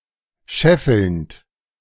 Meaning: present participle of scheffeln
- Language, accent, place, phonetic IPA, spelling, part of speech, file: German, Germany, Berlin, [ˈʃɛfl̩nt], scheffelnd, verb, De-scheffelnd.ogg